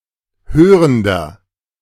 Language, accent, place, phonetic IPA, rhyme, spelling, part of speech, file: German, Germany, Berlin, [ˈhøːʁəndɐ], -øːʁəndɐ, hörender, adjective, De-hörender.ogg
- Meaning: inflection of hörend: 1. strong/mixed nominative masculine singular 2. strong genitive/dative feminine singular 3. strong genitive plural